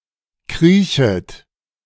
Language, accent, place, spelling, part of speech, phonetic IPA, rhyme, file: German, Germany, Berlin, kriechet, verb, [ˈkʁiːçət], -iːçət, De-kriechet.ogg
- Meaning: second-person plural subjunctive I of kriechen